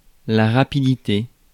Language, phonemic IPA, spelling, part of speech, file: French, /ʁa.pi.di.te/, rapidité, noun, Fr-rapidité.ogg
- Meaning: swiftness, fastness, quickness